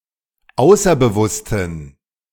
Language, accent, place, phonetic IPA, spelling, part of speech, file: German, Germany, Berlin, [ˈaʊ̯sɐbəˌvʊstn̩], außerbewussten, adjective, De-außerbewussten.ogg
- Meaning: inflection of außerbewusst: 1. strong genitive masculine/neuter singular 2. weak/mixed genitive/dative all-gender singular 3. strong/weak/mixed accusative masculine singular 4. strong dative plural